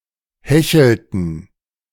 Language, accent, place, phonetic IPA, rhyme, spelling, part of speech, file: German, Germany, Berlin, [ˈhɛçl̩tn̩], -ɛçl̩tn̩, hechelten, verb, De-hechelten.ogg
- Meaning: inflection of hecheln: 1. first/third-person plural preterite 2. first/third-person plural subjunctive II